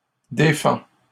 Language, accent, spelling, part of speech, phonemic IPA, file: French, Canada, défend, verb, /de.fɑ̃/, LL-Q150 (fra)-défend.wav
- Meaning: third-person singular present indicative of défendre